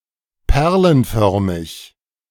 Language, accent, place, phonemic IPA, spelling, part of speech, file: German, Germany, Berlin, /ˈpɛʁlənˌfœʁmɪç/, perlenförmig, adjective, De-perlenförmig.ogg
- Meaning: pearl-shaped